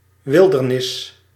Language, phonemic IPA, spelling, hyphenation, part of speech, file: Dutch, /ˈʋɪldərˌnɪs/, wildernis, wil‧der‧nis, noun, Nl-wildernis.ogg
- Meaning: wilderness